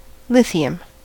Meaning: The simplest alkali metal, the lightest solid element, and the third lightest chemical element (symbol Li) with an atomic number of 3 and atomic weight of 6.94. It is a soft, silvery metal
- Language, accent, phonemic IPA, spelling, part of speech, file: English, US, /ˈlɪθi.əm/, lithium, noun, En-us-lithium.ogg